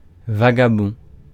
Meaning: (adjective) vagabonding; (noun) vagabond
- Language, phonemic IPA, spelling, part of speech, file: French, /va.ɡa.bɔ̃/, vagabond, adjective / noun, Fr-vagabond.ogg